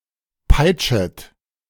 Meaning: second-person plural subjunctive I of peitschen
- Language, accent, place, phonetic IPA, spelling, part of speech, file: German, Germany, Berlin, [ˈpaɪ̯t͡ʃət], peitschet, verb, De-peitschet.ogg